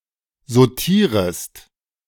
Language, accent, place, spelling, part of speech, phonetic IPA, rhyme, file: German, Germany, Berlin, sautierest, verb, [zoˈtiːʁəst], -iːʁəst, De-sautierest.ogg
- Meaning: second-person singular subjunctive I of sautieren